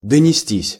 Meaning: 1. to get / be worn out (of clothes, shoes) 2. to reach one's ears, to be heard; to be carried by the wind 3. passive of донести́ (donestí)
- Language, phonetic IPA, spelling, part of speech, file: Russian, [dənʲɪˈsʲtʲisʲ], донестись, verb, Ru-донестись.ogg